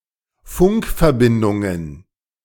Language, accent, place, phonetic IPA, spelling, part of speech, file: German, Germany, Berlin, [ˈfʊŋkfɛɐ̯ˌbɪndʊŋən], Funkverbindungen, noun, De-Funkverbindungen.ogg
- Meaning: plural of Funkverbindung